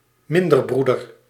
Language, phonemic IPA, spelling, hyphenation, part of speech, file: Dutch, /ˈmɪn.dərˌbru.dər/, minderbroeder, min‧der‧broe‧der, noun, Nl-minderbroeder.ogg
- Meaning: friar minor, Franciscan